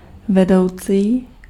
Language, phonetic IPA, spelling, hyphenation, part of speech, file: Czech, [ˈvɛdou̯t͡siː], vedoucí, ve‧dou‧cí, noun / adjective, Cs-vedoucí.ogg
- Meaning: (noun) leader, head, boss; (adjective) leading